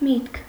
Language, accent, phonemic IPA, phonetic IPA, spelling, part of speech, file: Armenian, Eastern Armenian, /mitkʰ/, [mitkʰ], միտք, noun, Hy-միտք.ogg
- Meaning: 1. brains, mind, intellect; reflection, thinking 2. idea, thought 3. meaning, sense, purport, signification 4. intention